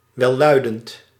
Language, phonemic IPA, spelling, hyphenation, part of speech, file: Dutch, /ʋɛˈlœy̯.dənt/, welluidend, wel‧lui‧dend, adjective, Nl-welluidend.ogg
- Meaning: euphonious